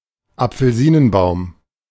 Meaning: orange (tree)
- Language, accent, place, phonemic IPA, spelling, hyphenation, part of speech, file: German, Germany, Berlin, /ʔap͡fl̩ˈziːnənˌbaʊ̯m/, Apfelsinenbaum, Ap‧fel‧si‧nen‧baum, noun, De-Apfelsinenbaum.ogg